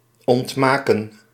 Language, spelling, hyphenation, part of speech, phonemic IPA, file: Dutch, ontmaken, ont‧ma‧ken, verb, /ˌɔntˈmaː.kə(n)/, Nl-ontmaken.ogg
- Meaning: 1. to unmake, undo, break apart 2. to disinherit, to disown